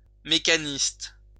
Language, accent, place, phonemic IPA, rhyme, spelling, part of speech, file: French, France, Lyon, /me.ka.nist/, -ist, mécaniste, adjective, LL-Q150 (fra)-mécaniste.wav
- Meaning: mechanistic